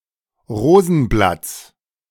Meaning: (noun) genitive of Rosenblatt; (proper noun) 1. genitive singular of Rosenblatt 2. plural of Rosenblatt
- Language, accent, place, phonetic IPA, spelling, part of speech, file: German, Germany, Berlin, [ˈʁoːzn̩ˌblat͡s], Rosenblatts, noun, De-Rosenblatts.ogg